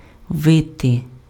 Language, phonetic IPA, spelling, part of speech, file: Ukrainian, [ˈʋɪte], вити, verb, Uk-вити.ogg
- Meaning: 1. to howl 2. to wail 3. to twist, to wind 4. to weave, to twine, to plait 5. to build a nest (of birds) 6. to curl (hair)